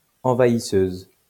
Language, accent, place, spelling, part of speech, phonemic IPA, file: French, France, Lyon, envahisseuse, noun, /ɑ̃.va.i.søz/, LL-Q150 (fra)-envahisseuse.wav
- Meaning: female equivalent of envahisseur